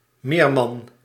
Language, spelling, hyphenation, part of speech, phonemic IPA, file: Dutch, meerman, meer‧man, noun, /ˈmeːrmɑn/, Nl-meerman.ogg
- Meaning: merman